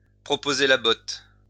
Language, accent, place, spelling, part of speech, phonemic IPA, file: French, France, Lyon, proposer la botte, verb, /pʁɔ.po.ze la bɔt/, LL-Q150 (fra)-proposer la botte.wav
- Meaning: to proposition, to make sexual advances to, to offer (someone) to have sex with one